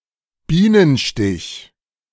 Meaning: 1. bee sting 2. type of flat cake, filled with custard or cream and coated with almonds and sugar
- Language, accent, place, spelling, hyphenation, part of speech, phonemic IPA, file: German, Germany, Berlin, Bienenstich, Bie‧nen‧stich, noun, /ˈbiːnənˌʃtɪç/, De-Bienenstich.ogg